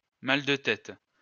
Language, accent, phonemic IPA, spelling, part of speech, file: French, France, /mal də tɛt/, mal de tête, noun, LL-Q150 (fra)-mal de tête.wav
- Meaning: headache